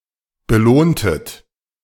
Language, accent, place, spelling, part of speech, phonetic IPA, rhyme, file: German, Germany, Berlin, belohntet, verb, [bəˈloːntət], -oːntət, De-belohntet.ogg
- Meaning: inflection of belohnen: 1. second-person plural preterite 2. second-person plural subjunctive II